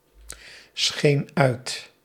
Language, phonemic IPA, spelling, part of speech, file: Dutch, /ˈsxen ˈœyt/, scheen uit, verb, Nl-scheen uit.ogg
- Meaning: singular past indicative of uitschijnen